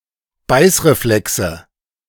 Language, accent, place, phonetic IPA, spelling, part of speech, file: German, Germany, Berlin, [ˈbaɪ̯sʁeˌflɛksə], Beißreflexe, noun, De-Beißreflexe.ogg
- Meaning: nominative/accusative/genitive plural of Beißreflex